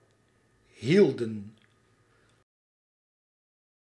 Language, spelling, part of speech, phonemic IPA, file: Dutch, hielden, verb, /hiɫ.də(n)/, Nl-hielden.ogg
- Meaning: inflection of houden: 1. plural past indicative 2. plural past subjunctive